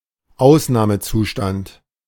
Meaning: 1. irregular situation 2. state of emergency 3. state of exception
- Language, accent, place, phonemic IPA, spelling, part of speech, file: German, Germany, Berlin, /ˈʔaʊ̯snaːməˌtsuːʃtant/, Ausnahmezustand, noun, De-Ausnahmezustand.ogg